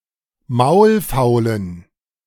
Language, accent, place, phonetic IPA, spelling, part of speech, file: German, Germany, Berlin, [ˈmaʊ̯lˌfaʊ̯lən], maulfaulen, adjective, De-maulfaulen.ogg
- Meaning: inflection of maulfaul: 1. strong genitive masculine/neuter singular 2. weak/mixed genitive/dative all-gender singular 3. strong/weak/mixed accusative masculine singular 4. strong dative plural